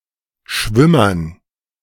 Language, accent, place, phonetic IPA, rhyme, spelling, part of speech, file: German, Germany, Berlin, [ˈʃvɪmɐn], -ɪmɐn, Schwimmern, noun, De-Schwimmern.ogg
- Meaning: dative plural of Schwimmer